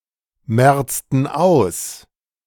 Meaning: inflection of ausmerzen: 1. first/third-person plural preterite 2. first/third-person plural subjunctive II
- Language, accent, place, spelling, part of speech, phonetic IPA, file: German, Germany, Berlin, merzten aus, verb, [ˌmɛʁt͡stn̩ ˈaʊ̯s], De-merzten aus.ogg